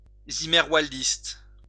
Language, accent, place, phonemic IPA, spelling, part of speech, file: French, France, Lyon, /zi.mɛʁ.val.dist/, zimmerwaldiste, noun, LL-Q150 (fra)-zimmerwaldiste.wav
- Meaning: a proponent of zimmerwaldisme